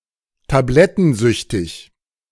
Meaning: addicted to pills
- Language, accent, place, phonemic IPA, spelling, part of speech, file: German, Germany, Berlin, /taˈblɛtn̩ˌzʏçtɪç/, tablettensüchtig, adjective, De-tablettensüchtig.ogg